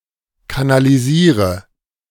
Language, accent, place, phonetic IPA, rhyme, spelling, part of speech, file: German, Germany, Berlin, [kanaliˈziːʁə], -iːʁə, kanalisiere, verb, De-kanalisiere.ogg
- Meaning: inflection of kanalisieren: 1. first-person singular present 2. singular imperative 3. first/third-person singular subjunctive I